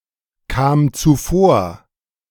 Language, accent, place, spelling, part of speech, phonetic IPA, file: German, Germany, Berlin, kam zuvor, verb, [ˌkaːm t͡suˈfoːɐ̯], De-kam zuvor.ogg
- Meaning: first/third-person singular preterite of zuvorkommen